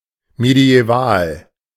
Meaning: medieval
- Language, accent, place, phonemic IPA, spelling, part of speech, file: German, Germany, Berlin, /medi̯ɛˈvaːl/, mediäval, adjective, De-mediäval.ogg